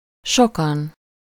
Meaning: many, a lot of people
- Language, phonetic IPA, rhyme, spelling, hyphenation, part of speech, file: Hungarian, [ˈʃokɒn], -ɒn, sokan, so‧kan, adverb, Hu-sokan.ogg